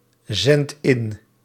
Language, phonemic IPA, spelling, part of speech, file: Dutch, /ˈzɛnt ˈɪn/, zend in, verb, Nl-zend in.ogg
- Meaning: inflection of inzenden: 1. first-person singular present indicative 2. second-person singular present indicative 3. imperative